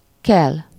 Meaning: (verb) 1. come and go, get about (to transport oneself from place to place) 2. to get up, rise (from sleep; occasionally more broadly from a lying or sitting position) 3. to rise
- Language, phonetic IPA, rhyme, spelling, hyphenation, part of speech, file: Hungarian, [ˈkɛl], -ɛl, kel, kel, verb / noun, Hu-kel.ogg